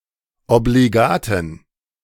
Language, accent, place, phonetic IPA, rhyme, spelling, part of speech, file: German, Germany, Berlin, [obliˈɡaːtn̩], -aːtn̩, obligaten, adjective, De-obligaten.ogg
- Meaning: inflection of obligat: 1. strong genitive masculine/neuter singular 2. weak/mixed genitive/dative all-gender singular 3. strong/weak/mixed accusative masculine singular 4. strong dative plural